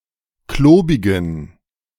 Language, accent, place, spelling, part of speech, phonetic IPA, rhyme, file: German, Germany, Berlin, klobigen, adjective, [ˈkloːbɪɡn̩], -oːbɪɡn̩, De-klobigen.ogg
- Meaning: inflection of klobig: 1. strong genitive masculine/neuter singular 2. weak/mixed genitive/dative all-gender singular 3. strong/weak/mixed accusative masculine singular 4. strong dative plural